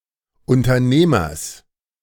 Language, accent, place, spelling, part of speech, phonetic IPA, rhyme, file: German, Germany, Berlin, Unternehmers, noun, [ʊntɐˈneːmɐs], -eːmɐs, De-Unternehmers.ogg
- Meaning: genitive singular of Unternehmer